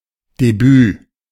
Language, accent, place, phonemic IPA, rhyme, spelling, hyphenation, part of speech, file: German, Germany, Berlin, /deˈbyː/, -yː, Debüt, De‧büt, noun, De-Debüt.ogg
- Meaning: debut